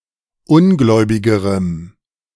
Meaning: strong dative masculine/neuter singular comparative degree of ungläubig
- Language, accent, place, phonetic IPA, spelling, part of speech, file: German, Germany, Berlin, [ˈʊnˌɡlɔɪ̯bɪɡəʁəm], ungläubigerem, adjective, De-ungläubigerem.ogg